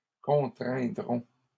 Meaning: third-person plural simple future of contraindre
- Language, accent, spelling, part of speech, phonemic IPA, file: French, Canada, contraindront, verb, /kɔ̃.tʁɛ̃.dʁɔ̃/, LL-Q150 (fra)-contraindront.wav